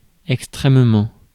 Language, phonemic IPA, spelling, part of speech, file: French, /ɛk.stʁɛm.mɑ̃/, extrêmement, adverb, Fr-extrêmement.ogg
- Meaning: extremely